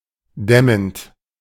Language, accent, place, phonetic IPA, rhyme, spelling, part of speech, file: German, Germany, Berlin, [ˈdɛmənt], -ɛmənt, dämmend, verb, De-dämmend.ogg
- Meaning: present participle of dämmen